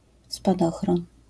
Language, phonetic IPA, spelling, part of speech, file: Polish, [spaˈdɔxrɔ̃n], spadochron, noun, LL-Q809 (pol)-spadochron.wav